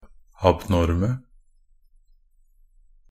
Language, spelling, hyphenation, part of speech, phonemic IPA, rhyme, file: Norwegian Bokmål, abnorme, ab‧nor‧me, adjective, /abˈnɔrmə/, -ɔrmə, Nb-abnorme.ogg
- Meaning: 1. definite singular of abnorm 2. plural of abnorm